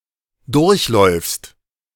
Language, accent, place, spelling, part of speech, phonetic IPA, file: German, Germany, Berlin, durchläufst, verb, [ˈdʊʁçˌlɔɪ̯fst], De-durchläufst.ogg
- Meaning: second-person singular present of durchlaufen